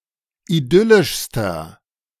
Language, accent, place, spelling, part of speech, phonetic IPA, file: German, Germany, Berlin, idyllischster, adjective, [iˈdʏlɪʃstɐ], De-idyllischster.ogg
- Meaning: inflection of idyllisch: 1. strong/mixed nominative masculine singular superlative degree 2. strong genitive/dative feminine singular superlative degree 3. strong genitive plural superlative degree